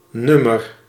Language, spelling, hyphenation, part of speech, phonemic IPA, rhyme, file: Dutch, nummer, num‧mer, noun, /ˈnʏ.mər/, -ʏmər, Nl-nummer.ogg
- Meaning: 1. number used as a means of identification 2. number (used to show the rank of something in a list or sequence) 3. a song or musical performance; a track 4. issue of a publication (e.g. a magazine)